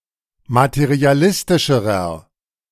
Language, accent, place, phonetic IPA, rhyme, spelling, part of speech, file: German, Germany, Berlin, [matəʁiaˈlɪstɪʃəʁɐ], -ɪstɪʃəʁɐ, materialistischerer, adjective, De-materialistischerer.ogg
- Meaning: inflection of materialistisch: 1. strong/mixed nominative masculine singular comparative degree 2. strong genitive/dative feminine singular comparative degree